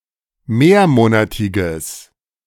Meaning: strong/mixed nominative/accusative neuter singular of mehrmonatig
- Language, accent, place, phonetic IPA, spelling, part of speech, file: German, Germany, Berlin, [ˈmeːɐ̯ˌmoːnatɪɡəs], mehrmonatiges, adjective, De-mehrmonatiges.ogg